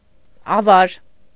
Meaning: 1. loot, spoils, booty 2. plunder, pillage, sacking 3. casualty, victim
- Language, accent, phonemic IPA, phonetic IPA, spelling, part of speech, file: Armenian, Eastern Armenian, /ɑˈvɑɾ/, [ɑvɑ́ɾ], ավար, noun, Hy-ավար.ogg